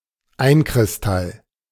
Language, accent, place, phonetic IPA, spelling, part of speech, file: German, Germany, Berlin, [ˈaɪ̯nkʁɪsˌtal], Einkristall, noun, De-Einkristall.ogg
- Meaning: monocrystal, single crystal